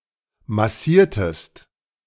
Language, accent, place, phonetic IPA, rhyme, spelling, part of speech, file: German, Germany, Berlin, [maˈsiːɐ̯təst], -iːɐ̯təst, massiertest, verb, De-massiertest.ogg
- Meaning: inflection of massieren: 1. second-person singular preterite 2. second-person singular subjunctive II